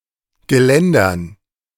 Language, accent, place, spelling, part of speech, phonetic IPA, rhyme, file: German, Germany, Berlin, Geländern, noun, [ɡəˈlɛndɐn], -ɛndɐn, De-Geländern.ogg
- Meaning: dative plural of Geländer